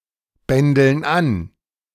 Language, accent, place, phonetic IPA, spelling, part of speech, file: German, Germany, Berlin, [ˌbɛndl̩n ˈan], bändeln an, verb, De-bändeln an.ogg
- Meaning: inflection of anbändeln: 1. first/third-person plural present 2. first/third-person plural subjunctive I